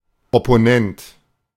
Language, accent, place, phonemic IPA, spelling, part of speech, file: German, Germany, Berlin, /ˌɔpoˈnɛnt/, Opponent, noun, De-Opponent.ogg
- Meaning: opponent